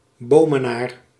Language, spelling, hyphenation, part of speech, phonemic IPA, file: Dutch, Bomenaar, Bo‧me‧naar, noun, /ˈboː.məˌnaːr/, Nl-Bomenaar.ogg
- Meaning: a native or inhabitant of Boom